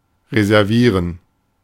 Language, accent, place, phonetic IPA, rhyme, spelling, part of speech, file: German, Germany, Berlin, [ʁezɛʁˈviːʁən], -iːʁən, reservieren, verb, De-reservieren.ogg
- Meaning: to reserve